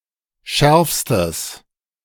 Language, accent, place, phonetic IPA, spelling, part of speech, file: German, Germany, Berlin, [ˈʃɛʁfstəs], schärfstes, adjective, De-schärfstes.ogg
- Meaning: strong/mixed nominative/accusative neuter singular superlative degree of scharf